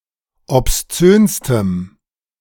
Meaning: strong dative masculine/neuter singular superlative degree of obszön
- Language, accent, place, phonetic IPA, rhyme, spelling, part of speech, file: German, Germany, Berlin, [ɔpsˈt͡søːnstəm], -øːnstəm, obszönstem, adjective, De-obszönstem.ogg